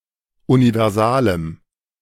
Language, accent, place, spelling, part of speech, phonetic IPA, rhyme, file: German, Germany, Berlin, universalem, adjective, [univɛʁˈzaːləm], -aːləm, De-universalem.ogg
- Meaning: strong dative masculine/neuter singular of universal